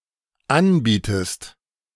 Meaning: inflection of anbieten: 1. second-person singular dependent present 2. second-person singular dependent subjunctive I
- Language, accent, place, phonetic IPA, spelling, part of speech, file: German, Germany, Berlin, [ˈanˌbiːtəst], anbietest, verb, De-anbietest.ogg